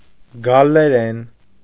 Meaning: Gaulish language
- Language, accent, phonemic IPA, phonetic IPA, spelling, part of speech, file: Armenian, Eastern Armenian, /ɡɑlleˈɾen/, [ɡɑlːeɾén], գալլերեն, noun, Hy-գալլերեն.ogg